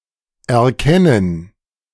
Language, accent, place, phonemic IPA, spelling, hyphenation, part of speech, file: German, Germany, Berlin, /ɛɐ̯ˈkɛnən/, erkennen, er‧ken‧nen, verb, De-erkennen2.ogg
- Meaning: 1. to recognize, perceive 2. to realize, detect, see, know, identify, discover, understand